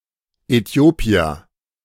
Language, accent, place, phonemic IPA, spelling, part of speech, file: German, Germany, Berlin, /ɛˈtjoːpi̯ər/, Äthiopier, noun, De-Äthiopier.ogg
- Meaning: Ethiopian (person)